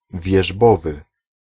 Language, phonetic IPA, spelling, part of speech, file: Polish, [vʲjɛʒˈbɔvɨ], wierzbowy, adjective, Pl-wierzbowy.ogg